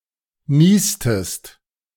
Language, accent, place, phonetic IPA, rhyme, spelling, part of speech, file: German, Germany, Berlin, [ˈniːstəst], -iːstəst, niestest, verb, De-niestest.ogg
- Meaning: inflection of niesen: 1. second-person singular preterite 2. second-person singular subjunctive II